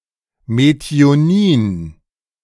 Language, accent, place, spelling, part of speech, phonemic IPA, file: German, Germany, Berlin, Methionin, noun, /meti̯oˈniːn/, De-Methionin.ogg
- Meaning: methionine (amino acid)